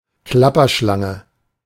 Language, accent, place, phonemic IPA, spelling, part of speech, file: German, Germany, Berlin, /ˈklapɐˌʃlaŋə/, Klapperschlange, noun, De-Klapperschlange.ogg
- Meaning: rattlesnake